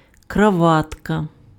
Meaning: necktie, tie
- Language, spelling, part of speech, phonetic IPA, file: Ukrainian, краватка, noun, [krɐˈʋatkɐ], Uk-краватка.ogg